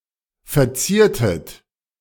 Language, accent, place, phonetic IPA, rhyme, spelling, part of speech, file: German, Germany, Berlin, [fɛɐ̯ˈt͡siːɐ̯tət], -iːɐ̯tət, verziertet, verb, De-verziertet.ogg
- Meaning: inflection of verzieren: 1. second-person plural preterite 2. second-person plural subjunctive II